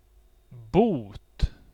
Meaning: 1. fine (penalty in money) 2. cure; remedy 3. penance
- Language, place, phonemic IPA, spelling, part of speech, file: Swedish, Gotland, /buːt/, bot, noun, Sv-bot.ogg